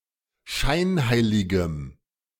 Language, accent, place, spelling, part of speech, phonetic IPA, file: German, Germany, Berlin, scheinheiligem, adjective, [ˈʃaɪ̯nˌhaɪ̯lɪɡəm], De-scheinheiligem.ogg
- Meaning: strong dative masculine/neuter singular of scheinheilig